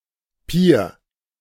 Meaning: 1. pier 2. lugworm, sandworm 3. synonym of Regenwurm (“earthworm”)
- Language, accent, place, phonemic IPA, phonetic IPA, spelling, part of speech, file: German, Germany, Berlin, /piːr/, [pi(ː)ɐ̯], Pier, noun, De-Pier.ogg